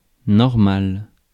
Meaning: 1. normal (according to norms, usual) 2. normal (relating to a school to teach teachers how to teach) 3. okay, alright
- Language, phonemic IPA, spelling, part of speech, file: French, /nɔʁ.mal/, normal, adjective, Fr-normal.ogg